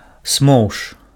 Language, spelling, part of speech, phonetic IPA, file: Belarusian, смоўж, noun, [smou̯ʂ], Be-смоўж.ogg
- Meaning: 1. slug 2. snail